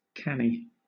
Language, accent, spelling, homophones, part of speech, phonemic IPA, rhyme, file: English, Southern England, canny, kanny, adjective / adverb, /ˈkæni/, -æni, LL-Q1860 (eng)-canny.wav
- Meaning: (adjective) 1. Careful, prudent, cautious 2. Knowing, shrewd, astute 3. Frugal, thrifty 4. Friendly, pleasant, fair, agreeable; (sometimes) funny 5. Gentle, quiet, steady